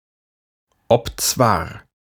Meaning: though, although; albeit
- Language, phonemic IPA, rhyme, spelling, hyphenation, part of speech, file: German, /ɔpˈt͡svaːɐ̯/, -aːɐ̯, obzwar, ob‧zwar, conjunction, De-obzwar.ogg